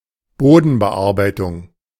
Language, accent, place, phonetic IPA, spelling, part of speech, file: German, Germany, Berlin, [ˈboːdn̩bəˌʔaʁbaɪ̯tʊŋ], Bodenbearbeitung, noun, De-Bodenbearbeitung.ogg
- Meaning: tillage, cultivation